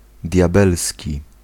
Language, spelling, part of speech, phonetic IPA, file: Polish, diabelski, adjective, [dʲjaˈbɛlsʲci], Pl-diabelski.ogg